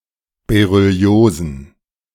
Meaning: plural of Berylliose
- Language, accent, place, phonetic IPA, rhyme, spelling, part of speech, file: German, Germany, Berlin, [beʁʏˈli̯oːzn̩], -oːzn̩, Berylliosen, noun, De-Berylliosen.ogg